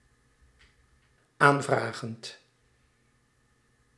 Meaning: present participle of aanvragen
- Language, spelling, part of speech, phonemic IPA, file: Dutch, aanvragend, verb, /ˈaɱvraɣənt/, Nl-aanvragend.ogg